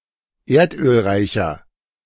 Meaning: 1. comparative degree of erdölreich 2. inflection of erdölreich: strong/mixed nominative masculine singular 3. inflection of erdölreich: strong genitive/dative feminine singular
- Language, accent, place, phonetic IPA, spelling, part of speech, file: German, Germany, Berlin, [ˈeːɐ̯tʔøːlˌʁaɪ̯çɐ], erdölreicher, adjective, De-erdölreicher.ogg